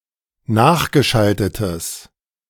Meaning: strong/mixed nominative/accusative neuter singular of nachgeschaltet
- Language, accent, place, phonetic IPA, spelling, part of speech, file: German, Germany, Berlin, [ˈnaːxɡəˌʃaltətəs], nachgeschaltetes, adjective, De-nachgeschaltetes.ogg